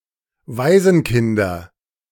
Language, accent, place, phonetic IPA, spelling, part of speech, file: German, Germany, Berlin, [ˈvaɪ̯zn̩ˌkɪndɐ], Waisenkinder, noun, De-Waisenkinder.ogg
- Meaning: nominative/accusative/genitive plural of Waisenkind